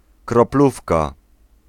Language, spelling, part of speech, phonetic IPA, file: Polish, kroplówka, noun, [krɔˈplufka], Pl-kroplówka.ogg